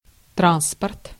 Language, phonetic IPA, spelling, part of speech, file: Russian, [ˈtranspərt], транспорт, noun, Ru-транспорт.ogg
- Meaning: 1. transport, transportation 2. consignment 3. military transport, train 4. navy transport, supply ship, troop transport, troopship, troop-carrier